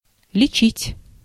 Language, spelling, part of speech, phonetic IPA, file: Russian, лечить, verb, [lʲɪˈt͡ɕitʲ], Ru-лечить.ogg
- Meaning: to heal, to treat